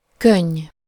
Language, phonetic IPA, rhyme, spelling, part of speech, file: Hungarian, [ˈkøɲː], -øɲː, könny, noun, Hu-könny.ogg
- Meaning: tear, teardrop (of the eyes)